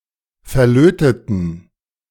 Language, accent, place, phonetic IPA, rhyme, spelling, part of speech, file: German, Germany, Berlin, [fɛɐ̯ˈløːtətn̩], -øːtətn̩, verlöteten, adjective / verb, De-verlöteten.ogg
- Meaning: inflection of verlöten: 1. first/third-person plural preterite 2. first/third-person plural subjunctive II